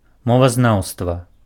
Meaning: linguistics
- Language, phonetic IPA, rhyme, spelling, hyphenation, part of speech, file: Belarusian, [ˌmovazˈnau̯stva], -au̯stva, мовазнаўства, мо‧ва‧знаў‧ства, noun, Be-мовазнаўства.ogg